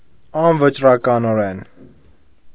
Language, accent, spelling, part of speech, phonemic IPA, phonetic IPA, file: Armenian, Eastern Armenian, անվճռականորեն, adverb, /ɑnvət͡ʃrɑkɑnoˈɾen/, [ɑnvət͡ʃrɑkɑnoɾén], Hy-անվճռականորեն.ogg
- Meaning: indeterminately, irresolutely, uncertainly